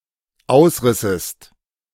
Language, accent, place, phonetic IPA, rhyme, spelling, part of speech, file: German, Germany, Berlin, [ˈaʊ̯sˌʁɪsəst], -aʊ̯sʁɪsəst, ausrissest, verb, De-ausrissest.ogg
- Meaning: second-person singular dependent subjunctive II of ausreißen